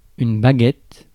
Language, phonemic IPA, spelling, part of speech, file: French, /ba.ɡɛt/, baguette, noun, Fr-baguette.ogg
- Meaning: 1. stick, rod, any long thin object 2. baguette, French stick 3. chopstick 4. drumstick; (conductor's) baton 5. wand 6. gun-stick, rod for stuffing the gun with ammunition 7. the barrel of a gun